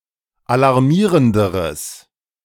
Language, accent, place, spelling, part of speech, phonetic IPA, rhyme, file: German, Germany, Berlin, alarmierenderes, adjective, [alaʁˈmiːʁəndəʁəs], -iːʁəndəʁəs, De-alarmierenderes.ogg
- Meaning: strong/mixed nominative/accusative neuter singular comparative degree of alarmierend